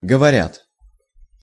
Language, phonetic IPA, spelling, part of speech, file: Russian, [ɡəvɐˈrʲat], говорят, verb, Ru-говорят.ogg
- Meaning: third-person plural present indicative imperfective of говори́ть (govorítʹ)